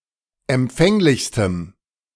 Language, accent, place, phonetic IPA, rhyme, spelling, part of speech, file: German, Germany, Berlin, [ɛmˈp͡fɛŋlɪçstəm], -ɛŋlɪçstəm, empfänglichstem, adjective, De-empfänglichstem.ogg
- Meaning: strong dative masculine/neuter singular superlative degree of empfänglich